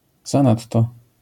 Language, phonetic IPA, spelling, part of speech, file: Polish, [zãˈnatːɔ], zanadto, adverb, LL-Q809 (pol)-zanadto.wav